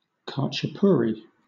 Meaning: A cheese pastry from the country of Georgia in the Caucasus region of Eurasia
- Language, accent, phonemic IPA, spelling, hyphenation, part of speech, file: English, Southern England, /hɑːtʃəˈpuːɹi/, khachapuri, kha‧cha‧pu‧ri, noun, LL-Q1860 (eng)-khachapuri.wav